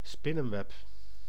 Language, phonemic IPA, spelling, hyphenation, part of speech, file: Dutch, /ˈspɪ.nə(n)ˌʋɛp/, spinnenweb, spin‧nen‧web, noun, Nl-spinnenweb.ogg
- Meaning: a spiderweb